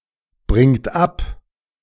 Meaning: inflection of abbringen: 1. third-person singular present 2. second-person plural present 3. plural imperative
- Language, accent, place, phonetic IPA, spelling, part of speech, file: German, Germany, Berlin, [ˌbʁɪŋt ˈap], bringt ab, verb, De-bringt ab.ogg